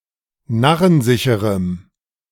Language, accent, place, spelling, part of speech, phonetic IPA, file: German, Germany, Berlin, narrensicherem, adjective, [ˈnaʁənˌzɪçəʁəm], De-narrensicherem.ogg
- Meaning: strong dative masculine/neuter singular of narrensicher